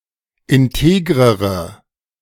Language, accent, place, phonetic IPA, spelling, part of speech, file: German, Germany, Berlin, [ɪnˈteːɡʁəʁə], integrere, adjective, De-integrere.ogg
- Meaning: inflection of integer: 1. strong/mixed nominative/accusative feminine singular comparative degree 2. strong nominative/accusative plural comparative degree